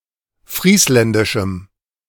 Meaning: strong dative masculine/neuter singular of friesländisch
- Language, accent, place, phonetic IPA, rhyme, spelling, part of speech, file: German, Germany, Berlin, [ˈfʁiːslɛndɪʃm̩], -iːslɛndɪʃm̩, friesländischem, adjective, De-friesländischem.ogg